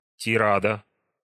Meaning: tirade
- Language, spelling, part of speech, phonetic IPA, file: Russian, тирада, noun, [tʲɪˈradə], Ru-тирада.ogg